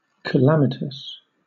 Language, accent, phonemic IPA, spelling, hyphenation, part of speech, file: English, Southern England, /kəˈlæmɪtəs/, calamitous, ca‧la‧mit‧ous, adjective, LL-Q1860 (eng)-calamitous.wav
- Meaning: 1. Causing or involving calamity; disastrous 2. Of a person: involved in a calamity; hence, distressed, miserable